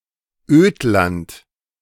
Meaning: badlands, wasteland
- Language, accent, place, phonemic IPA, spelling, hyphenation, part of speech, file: German, Germany, Berlin, /ˈøːtlant/, Ödland, Öd‧land, noun, De-Ödland.ogg